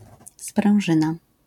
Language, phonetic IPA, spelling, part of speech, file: Polish, [sprɛ̃w̃ˈʒɨ̃na], sprężyna, noun, LL-Q809 (pol)-sprężyna.wav